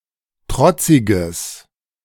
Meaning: strong/mixed nominative/accusative neuter singular of trotzig
- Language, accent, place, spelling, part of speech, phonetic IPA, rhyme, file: German, Germany, Berlin, trotziges, adjective, [ˈtʁɔt͡sɪɡəs], -ɔt͡sɪɡəs, De-trotziges.ogg